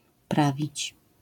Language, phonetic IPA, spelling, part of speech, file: Polish, [ˈpravʲit͡ɕ], prawić, verb, LL-Q809 (pol)-prawić.wav